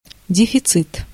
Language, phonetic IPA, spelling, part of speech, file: Russian, [dʲɪfʲɪˈt͡sɨt], дефицит, noun, Ru-дефицит.ogg
- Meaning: 1. deficit 2. deficiency, shortage